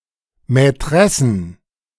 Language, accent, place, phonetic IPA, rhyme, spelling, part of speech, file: German, Germany, Berlin, [mɛˈtʁɛsn̩], -ɛsn̩, Mätressen, noun, De-Mätressen.ogg
- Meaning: plural of Mätresse